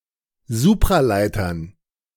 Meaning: dative plural of Supraleiter
- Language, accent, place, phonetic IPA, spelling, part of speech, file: German, Germany, Berlin, [ˈzuːpʁaˌlaɪ̯tɐn], Supraleitern, noun, De-Supraleitern.ogg